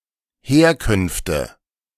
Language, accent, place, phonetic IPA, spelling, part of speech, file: German, Germany, Berlin, [ˈheːɐ̯kʏnftə], Herkünfte, noun, De-Herkünfte.ogg
- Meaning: nominative/accusative/genitive plural of Herkunft